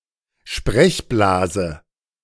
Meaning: speech bubble, speech balloon
- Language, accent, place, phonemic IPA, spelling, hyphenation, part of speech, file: German, Germany, Berlin, /ˈʃprɛçˌblaːzə/, Sprechblase, Sprech‧bla‧se, noun, De-Sprechblase.ogg